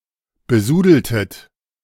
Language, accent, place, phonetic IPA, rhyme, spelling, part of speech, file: German, Germany, Berlin, [bəˈzuːdl̩tət], -uːdl̩tət, besudeltet, verb, De-besudeltet.ogg
- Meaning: inflection of besudeln: 1. second-person plural preterite 2. second-person plural subjunctive II